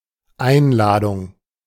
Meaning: invitation
- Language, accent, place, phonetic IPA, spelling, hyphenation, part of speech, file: German, Germany, Berlin, [ˈaɪ̯nˌlaːdʊŋ], Einladung, Ein‧la‧dung, noun, De-Einladung.ogg